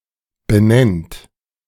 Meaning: inflection of benennen: 1. third-person singular present 2. second-person plural present 3. plural imperative
- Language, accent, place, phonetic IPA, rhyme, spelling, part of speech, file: German, Germany, Berlin, [bəˈnɛnt], -ɛnt, benennt, verb, De-benennt.ogg